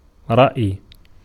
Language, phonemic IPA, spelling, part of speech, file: Arabic, /raʔj/, رأي, noun, Ar-رأي.ogg
- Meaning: 1. verbal noun of رَأَى (raʔā) (form I) 2. an idea, a notion, a concept, a conception; a particular way of thinking, an ideology; a philosophy